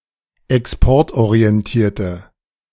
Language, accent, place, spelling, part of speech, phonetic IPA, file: German, Germany, Berlin, exportorientierte, adjective, [ɛksˈpɔʁtʔoʁiɛnˌtiːɐ̯tə], De-exportorientierte.ogg
- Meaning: inflection of exportorientiert: 1. strong/mixed nominative/accusative feminine singular 2. strong nominative/accusative plural 3. weak nominative all-gender singular